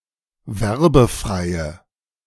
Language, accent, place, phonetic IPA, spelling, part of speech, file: German, Germany, Berlin, [ˈvɛʁbəˌfʁaɪ̯ə], werbefreie, adjective, De-werbefreie.ogg
- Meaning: inflection of werbefrei: 1. strong/mixed nominative/accusative feminine singular 2. strong nominative/accusative plural 3. weak nominative all-gender singular